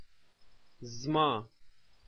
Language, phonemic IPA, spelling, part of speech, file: Pashto, /zmɑ/, زما, pronoun, Ps-زما.oga
- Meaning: my